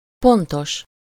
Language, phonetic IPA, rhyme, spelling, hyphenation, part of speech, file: Hungarian, [ˈpontoʃ], -oʃ, pontos, pon‧tos, adjective, Hu-pontos.ogg
- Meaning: 1. punctual, exact, on time 2. precise, accurate 3. -point (of or with the given number of points or items)